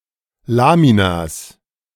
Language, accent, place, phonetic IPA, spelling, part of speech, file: German, Germany, Berlin, [ˈlaːminas], Laminas, noun, De-Laminas.ogg
- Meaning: plural of Lamina